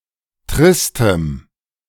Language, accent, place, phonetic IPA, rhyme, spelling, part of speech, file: German, Germany, Berlin, [ˈtʁɪstəm], -ɪstəm, tristem, adjective, De-tristem.ogg
- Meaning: strong dative masculine/neuter singular of trist